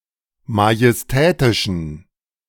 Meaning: inflection of majestätisch: 1. strong genitive masculine/neuter singular 2. weak/mixed genitive/dative all-gender singular 3. strong/weak/mixed accusative masculine singular 4. strong dative plural
- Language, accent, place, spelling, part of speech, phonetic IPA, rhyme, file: German, Germany, Berlin, majestätischen, adjective, [majɛsˈtɛːtɪʃn̩], -ɛːtɪʃn̩, De-majestätischen.ogg